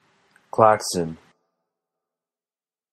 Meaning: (noun) A loud electric alarm or horn, especially as used in automobiles in the early 20th century; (verb) To produce a loud, siren-like wail
- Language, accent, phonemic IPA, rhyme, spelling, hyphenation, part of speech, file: English, General American, /ˈklæksən/, -æksən, klaxon, klax‧on, noun / verb, En-us-klaxon.flac